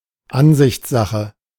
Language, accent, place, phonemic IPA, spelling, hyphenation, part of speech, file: German, Germany, Berlin, /ˈanzɪçt͡sˌzaxə/, Ansichtssache, An‧sichts‧sa‧che, noun, De-Ansichtssache.ogg
- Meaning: matter of opinion